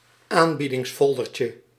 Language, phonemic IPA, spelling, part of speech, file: Dutch, /ˈambidɪŋsˌfɔldərcə/, aanbiedingsfoldertje, noun, Nl-aanbiedingsfoldertje.ogg
- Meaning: diminutive of aanbiedingsfolder